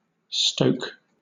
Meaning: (verb) To poke, pierce, thrust; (noun) An act of poking, piercing, thrusting; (verb) 1. To feed, stir up, especially, a fire or furnace 2. To encourage a behavior or emotion
- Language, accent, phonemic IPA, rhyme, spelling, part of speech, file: English, Southern England, /stəʊk/, -əʊk, stoke, verb / noun, LL-Q1860 (eng)-stoke.wav